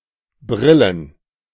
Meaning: plural of Brille
- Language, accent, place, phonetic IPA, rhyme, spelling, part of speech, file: German, Germany, Berlin, [ˈbʁɪlən], -ɪlən, Brillen, noun, De-Brillen.ogg